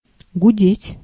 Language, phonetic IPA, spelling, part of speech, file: Russian, [ɡʊˈdʲetʲ], гудеть, verb, Ru-гудеть.ogg
- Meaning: 1. to buzz; to drone; to hoot, to honk 2. to party, revel